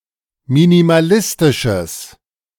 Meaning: strong/mixed nominative/accusative neuter singular of minimalistisch
- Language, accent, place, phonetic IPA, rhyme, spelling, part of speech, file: German, Germany, Berlin, [minimaˈlɪstɪʃəs], -ɪstɪʃəs, minimalistisches, adjective, De-minimalistisches.ogg